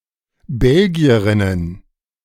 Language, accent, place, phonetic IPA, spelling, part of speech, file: German, Germany, Berlin, [ˈbɛlɡi̯əʁɪnən], Belgierinnen, noun, De-Belgierinnen.ogg
- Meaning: plural of Belgierin